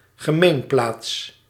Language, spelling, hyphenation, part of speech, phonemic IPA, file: Dutch, gemeenplaats, ge‧meen‧plaats, noun, /ɣəˈmeːnˌplaːts/, Nl-gemeenplaats.ogg
- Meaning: commonplace, cliché